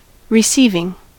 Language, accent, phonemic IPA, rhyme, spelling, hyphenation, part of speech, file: English, US, /ɹɪˈsiːvɪŋ/, -iːvɪŋ, receiving, re‧ceiv‧ing, verb / noun, En-us-receiving.ogg
- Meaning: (verb) present participle and gerund of receive; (noun) The act by which something is received; reception